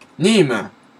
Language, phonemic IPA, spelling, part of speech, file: French, /nim/, Nîmes, proper noun, Fr-Nîmes.oga
- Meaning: Nîmes (a city in Gard department, Occitania, France)